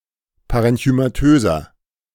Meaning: inflection of parenchymatös: 1. strong/mixed nominative masculine singular 2. strong genitive/dative feminine singular 3. strong genitive plural
- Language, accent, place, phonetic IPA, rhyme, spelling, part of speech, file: German, Germany, Berlin, [ˌpaʁɛnçymaˈtøːzɐ], -øːzɐ, parenchymatöser, adjective, De-parenchymatöser.ogg